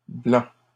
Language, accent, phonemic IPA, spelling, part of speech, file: French, Canada, /blɑ̃/, blancs, adjective / noun, LL-Q150 (fra)-blancs.wav
- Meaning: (adjective) masculine plural of blanc; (noun) plural of blanc